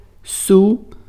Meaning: 1. south (cardinal point) 2. south (region or regions that lie in the south)
- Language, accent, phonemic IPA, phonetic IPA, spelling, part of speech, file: Portuguese, Brazil, /ˈsuw/, [ˈsuʊ̯], sul, noun, Pt-sul.ogg